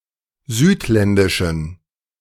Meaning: inflection of südländisch: 1. strong genitive masculine/neuter singular 2. weak/mixed genitive/dative all-gender singular 3. strong/weak/mixed accusative masculine singular 4. strong dative plural
- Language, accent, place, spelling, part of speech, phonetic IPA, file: German, Germany, Berlin, südländischen, adjective, [ˈzyːtˌlɛndɪʃn̩], De-südländischen.ogg